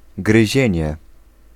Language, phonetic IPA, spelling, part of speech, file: Polish, [ɡrɨˈʑɛ̇̃ɲɛ], gryzienie, noun, Pl-gryzienie.ogg